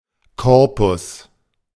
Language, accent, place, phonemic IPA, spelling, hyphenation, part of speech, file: German, Germany, Berlin, /ˈkɔʁpʊs/, Korpus, Kor‧pus, noun, De-Korpus.ogg
- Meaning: 1. corpus 2. base 3. crucifix 4. body